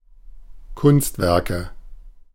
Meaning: nominative/accusative/genitive plural of Kunstwerk
- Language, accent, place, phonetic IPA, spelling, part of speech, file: German, Germany, Berlin, [ˈkʊnstˌvɛʁkə], Kunstwerke, noun, De-Kunstwerke.ogg